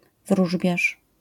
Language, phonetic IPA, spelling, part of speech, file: Polish, [ˈvruʒbʲjaʃ], wróżbiarz, noun, LL-Q809 (pol)-wróżbiarz.wav